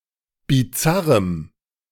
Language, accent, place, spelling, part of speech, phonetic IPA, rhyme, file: German, Germany, Berlin, bizarrem, adjective, [biˈt͡saʁəm], -aʁəm, De-bizarrem.ogg
- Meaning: strong dative masculine/neuter singular of bizarr